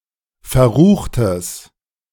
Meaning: strong/mixed nominative/accusative neuter singular of verrucht
- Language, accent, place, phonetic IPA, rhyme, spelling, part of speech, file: German, Germany, Berlin, [fɛɐ̯ˈʁuːxtəs], -uːxtəs, verruchtes, adjective, De-verruchtes.ogg